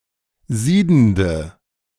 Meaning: inflection of siedend: 1. strong/mixed nominative/accusative feminine singular 2. strong nominative/accusative plural 3. weak nominative all-gender singular 4. weak accusative feminine/neuter singular
- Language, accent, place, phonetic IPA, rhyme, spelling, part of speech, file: German, Germany, Berlin, [ˈziːdn̩də], -iːdn̩də, siedende, adjective, De-siedende.ogg